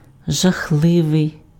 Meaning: terrible, horrible, awful, appalling, dreadful, dire, ghastly, horrid
- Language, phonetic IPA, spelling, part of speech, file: Ukrainian, [ʒɐˈxɫɪʋei̯], жахливий, adjective, Uk-жахливий.ogg